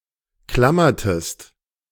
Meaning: inflection of klammern: 1. second-person singular preterite 2. second-person singular subjunctive II
- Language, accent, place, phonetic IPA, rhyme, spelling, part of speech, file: German, Germany, Berlin, [ˈklamɐtəst], -amɐtəst, klammertest, verb, De-klammertest.ogg